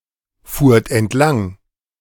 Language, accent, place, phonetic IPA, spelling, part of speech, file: German, Germany, Berlin, [ˌfuːɐ̯t ɛntˈlaŋ], fuhrt entlang, verb, De-fuhrt entlang.ogg
- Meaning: second-person plural preterite of entlangfahren